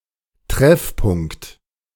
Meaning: meeting place
- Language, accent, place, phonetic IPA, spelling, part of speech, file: German, Germany, Berlin, [ˈtʁɛfˌpʊŋkt], Treffpunkt, noun, De-Treffpunkt.ogg